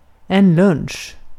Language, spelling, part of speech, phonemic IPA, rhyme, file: Swedish, lunch, noun, /ˈlɵnɧ/, -ɵnɧ, Sv-lunch.ogg
- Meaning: lunch, a meal eaten around noon